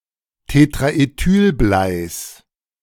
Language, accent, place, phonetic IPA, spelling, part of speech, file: German, Germany, Berlin, [tetʁaʔeˈtyːlˌblaɪ̯s], Tetraethylbleis, noun, De-Tetraethylbleis.ogg
- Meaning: genitive singular of Tetraethylblei